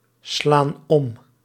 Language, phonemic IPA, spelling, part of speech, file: Dutch, /ˈslan ˈɔm/, slaan om, verb, Nl-slaan om.ogg
- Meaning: inflection of omslaan: 1. plural present indicative 2. plural present subjunctive